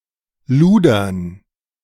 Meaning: to lecher
- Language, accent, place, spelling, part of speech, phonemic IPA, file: German, Germany, Berlin, ludern, verb, /ˈluːdɐn/, De-ludern.ogg